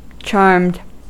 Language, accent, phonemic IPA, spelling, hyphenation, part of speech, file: English, General American, /t͡ʃɑɹmd/, charmed, charmed, adjective / verb, En-us-charmed.ogg
- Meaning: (adjective) 1. Under a magic spell (cast by a charm); bewitched 2. Having great good fortune, as though magically wrought 3. Impressed by the pleasantness of something